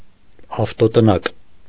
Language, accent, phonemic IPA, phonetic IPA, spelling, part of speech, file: Armenian, Eastern Armenian, /ɑftotəˈnɑk/, [ɑftotənɑ́k], ավտոտնակ, noun, Hy-ավտոտնակ.ogg
- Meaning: garage